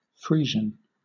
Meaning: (noun) 1. A breed of black and white dairy cattle; any individual cow of that breed 2. A black breed of horse
- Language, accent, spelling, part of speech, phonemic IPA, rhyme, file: English, Southern England, Friesian, noun / adjective, /ˈfɹiːʒən/, -iːʒən, LL-Q1860 (eng)-Friesian.wav